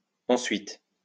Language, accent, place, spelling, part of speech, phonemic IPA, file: French, France, Lyon, ensuit, adverb / verb, /ɑ̃.sɥi/, LL-Q150 (fra)-ensuit.wav
- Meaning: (adverb) after, later; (verb) third-person singular indicative of ensuivre